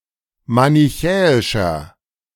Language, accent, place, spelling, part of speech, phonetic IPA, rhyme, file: German, Germany, Berlin, manichäischer, adjective, [manɪˈçɛːɪʃɐ], -ɛːɪʃɐ, De-manichäischer.ogg
- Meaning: inflection of manichäisch: 1. strong/mixed nominative masculine singular 2. strong genitive/dative feminine singular 3. strong genitive plural